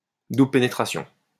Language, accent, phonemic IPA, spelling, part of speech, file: French, France, /du.blə pe.ne.tʁa.sjɔ̃/, double pénétration, noun, LL-Q150 (fra)-double pénétration.wav
- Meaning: double penetration